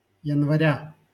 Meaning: genitive singular of янва́рь (janvárʹ)
- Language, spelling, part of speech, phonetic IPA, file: Russian, января, noun, [(j)ɪnvɐˈrʲa], LL-Q7737 (rus)-января.wav